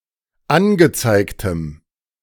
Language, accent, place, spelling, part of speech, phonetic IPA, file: German, Germany, Berlin, angezeigtem, adjective, [ˈanɡəˌt͡saɪ̯ktəm], De-angezeigtem.ogg
- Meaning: strong dative masculine/neuter singular of angezeigt